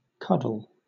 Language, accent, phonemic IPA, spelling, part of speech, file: English, Southern England, /ˈkʌd.l̩/, cuddle, noun / verb, LL-Q1860 (eng)-cuddle.wav